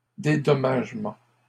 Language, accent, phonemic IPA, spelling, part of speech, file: French, Canada, /de.dɔ.maʒ.mɑ̃/, dédommagement, noun, LL-Q150 (fra)-dédommagement.wav
- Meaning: compensation